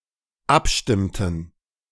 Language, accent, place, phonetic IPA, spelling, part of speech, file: German, Germany, Berlin, [ˈapˌʃtɪmtn̩], abstimmten, verb, De-abstimmten.ogg
- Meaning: inflection of abstimmen: 1. first/third-person plural dependent preterite 2. first/third-person plural dependent subjunctive II